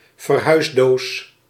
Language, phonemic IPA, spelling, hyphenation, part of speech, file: Dutch, /vərˈɦœy̯sˌdoːs/, verhuisdoos, ver‧huis‧doos, noun, Nl-verhuisdoos.ogg
- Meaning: a moving box, a removing box